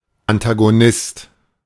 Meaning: 1. antagonist (all senses) 2. adversary
- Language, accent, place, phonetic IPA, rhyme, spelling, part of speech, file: German, Germany, Berlin, [antaɡoˈnɪst], -ɪst, Antagonist, noun, De-Antagonist.ogg